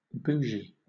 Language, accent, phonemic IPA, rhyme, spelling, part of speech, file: English, Southern England, /ˈbuːʒi/, -uːʒi, bougie, noun, LL-Q1860 (eng)-bougie.wav
- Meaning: 1. A tapered cylindrical instrument for introducing an object into a tubular anatomical structure, or to dilate such a structure, as with an esophageal bougie 2. A wax candle